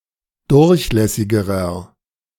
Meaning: inflection of durchlässig: 1. strong/mixed nominative masculine singular comparative degree 2. strong genitive/dative feminine singular comparative degree 3. strong genitive plural comparative degree
- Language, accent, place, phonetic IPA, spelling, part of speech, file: German, Germany, Berlin, [ˈdʊʁçˌlɛsɪɡəʁɐ], durchlässigerer, adjective, De-durchlässigerer.ogg